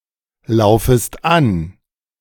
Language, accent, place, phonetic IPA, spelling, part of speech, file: German, Germany, Berlin, [ˌlaʊ̯fəst ˈan], laufest an, verb, De-laufest an.ogg
- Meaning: second-person singular subjunctive I of anlaufen